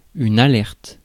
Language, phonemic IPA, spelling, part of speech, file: French, /a.lɛʁt/, alerte, adjective / noun / verb, Fr-alerte.ogg
- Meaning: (adjective) 1. alert 2. agile; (verb) inflection of alerter: 1. first/third-person singular present indicative/subjunctive 2. second-person singular imperative